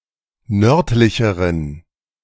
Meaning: inflection of nördlich: 1. strong genitive masculine/neuter singular comparative degree 2. weak/mixed genitive/dative all-gender singular comparative degree
- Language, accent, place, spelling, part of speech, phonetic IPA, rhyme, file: German, Germany, Berlin, nördlicheren, adjective, [ˈnœʁtlɪçəʁən], -œʁtlɪçəʁən, De-nördlicheren.ogg